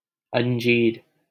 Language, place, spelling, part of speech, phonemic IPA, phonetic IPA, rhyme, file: Hindi, Delhi, अंजीर, noun, /ən.d͡ʒiːɾ/, [ɐ̃n.d͡ʒiːɾ], -iːɾ, LL-Q1568 (hin)-अंजीर.wav
- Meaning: 1. ficus (tree) 2. fig (fruit)